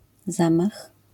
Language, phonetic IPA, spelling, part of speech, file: Polish, [ˈzãmax], zamach, noun, LL-Q809 (pol)-zamach.wav